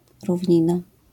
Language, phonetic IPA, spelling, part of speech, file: Polish, [ruvʲˈɲĩna], równina, noun, LL-Q809 (pol)-równina.wav